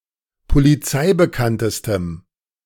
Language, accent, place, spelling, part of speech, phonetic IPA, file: German, Germany, Berlin, polizeibekanntestem, adjective, [poliˈt͡saɪ̯bəˌkantəstəm], De-polizeibekanntestem.ogg
- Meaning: strong dative masculine/neuter singular superlative degree of polizeibekannt